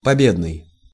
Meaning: triumphal, triumphant, victorious
- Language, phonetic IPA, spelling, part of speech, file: Russian, [pɐˈbʲednɨj], победный, adjective, Ru-победный.ogg